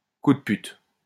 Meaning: dirty trick, low blow, rotten move, dick move
- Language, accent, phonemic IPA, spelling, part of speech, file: French, France, /ku d(ə) pyt/, coup de pute, noun, LL-Q150 (fra)-coup de pute.wav